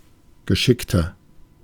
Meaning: 1. comparative degree of geschickt 2. inflection of geschickt: strong/mixed nominative masculine singular 3. inflection of geschickt: strong genitive/dative feminine singular
- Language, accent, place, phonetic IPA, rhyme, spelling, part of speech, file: German, Germany, Berlin, [ɡəˈʃɪktɐ], -ɪktɐ, geschickter, adjective, De-geschickter.ogg